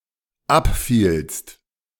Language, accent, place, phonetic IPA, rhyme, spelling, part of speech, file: German, Germany, Berlin, [ˈapˌfiːlst], -apfiːlst, abfielst, verb, De-abfielst.ogg
- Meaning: second-person singular dependent preterite of abfallen